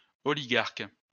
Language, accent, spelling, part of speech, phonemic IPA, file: French, France, oligarque, noun, /ɔ.li.ɡaʁk/, LL-Q150 (fra)-oligarque.wav
- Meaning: oligarch (a member of an oligarchy)